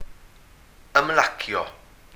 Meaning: to relax
- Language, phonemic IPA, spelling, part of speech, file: Welsh, /əmˈlakjɔ/, ymlacio, verb, Cy-ymlacio.ogg